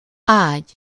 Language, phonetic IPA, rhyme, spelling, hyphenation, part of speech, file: Hungarian, [ˈaːɟ], -aːɟ, ágy, ágy, noun, Hu-ágy.ogg
- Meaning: 1. bed (a piece of furniture, usually flat and soft, on which to rest or sleep) 2. bed (a garden plot) 3. bed (the bottom of a body of water, such as a river)